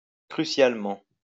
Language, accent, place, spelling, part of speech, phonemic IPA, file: French, France, Lyon, crucialement, adverb, /kʁy.sjal.mɑ̃/, LL-Q150 (fra)-crucialement.wav
- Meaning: crucially